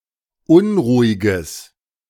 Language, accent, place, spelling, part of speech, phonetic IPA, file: German, Germany, Berlin, unruhiges, adjective, [ˈʊnʁuːɪɡəs], De-unruhiges.ogg
- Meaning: strong/mixed nominative/accusative neuter singular of unruhig